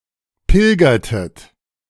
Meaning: inflection of pilgern: 1. second-person plural preterite 2. second-person plural subjunctive II
- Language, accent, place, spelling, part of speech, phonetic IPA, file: German, Germany, Berlin, pilgertet, verb, [ˈpɪlɡɐtət], De-pilgertet.ogg